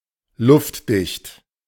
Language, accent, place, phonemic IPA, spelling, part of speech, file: German, Germany, Berlin, /ˈlʊftˌdɪçt/, luftdicht, adjective, De-luftdicht.ogg
- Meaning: airtight (blocking the passage of air)